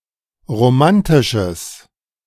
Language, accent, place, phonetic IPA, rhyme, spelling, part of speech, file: German, Germany, Berlin, [ʁoˈmantɪʃəs], -antɪʃəs, romantisches, adjective, De-romantisches.ogg
- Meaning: strong/mixed nominative/accusative neuter singular of romantisch